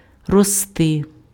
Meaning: to grow
- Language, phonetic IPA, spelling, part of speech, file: Ukrainian, [rɔˈstɪ], рости, verb, Uk-рости.ogg